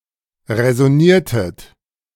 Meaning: inflection of räsonieren: 1. second-person plural preterite 2. second-person plural subjunctive II
- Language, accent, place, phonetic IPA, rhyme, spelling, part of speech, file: German, Germany, Berlin, [ʁɛzɔˈniːɐ̯tət], -iːɐ̯tət, räsoniertet, verb, De-räsoniertet.ogg